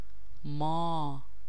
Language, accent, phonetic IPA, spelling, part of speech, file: Persian, Iran, [mɒː], ما, pronoun, Fa-ما.ogg
- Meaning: 1. we, us; the first-person plural pronoun 2. I, me; the first-person singular pronoun, used to show deference to the listener or in poetic contexts